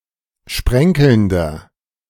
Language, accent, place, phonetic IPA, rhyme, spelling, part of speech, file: German, Germany, Berlin, [ˈʃpʁɛŋkl̩ndɐ], -ɛŋkl̩ndɐ, sprenkelnder, adjective, De-sprenkelnder.ogg
- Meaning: inflection of sprenkelnd: 1. strong/mixed nominative masculine singular 2. strong genitive/dative feminine singular 3. strong genitive plural